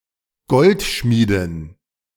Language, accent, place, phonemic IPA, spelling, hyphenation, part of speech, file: German, Germany, Berlin, /ˈɡɔltˌʃmiːdɪn/, Goldschmiedin, Gold‧schmie‧din, noun, De-Goldschmiedin.ogg
- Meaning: female equivalent of Goldschmied